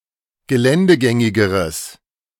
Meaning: strong/mixed nominative/accusative neuter singular comparative degree of geländegängig
- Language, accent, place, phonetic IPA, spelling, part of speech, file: German, Germany, Berlin, [ɡəˈlɛndəˌɡɛŋɪɡəʁəs], geländegängigeres, adjective, De-geländegängigeres.ogg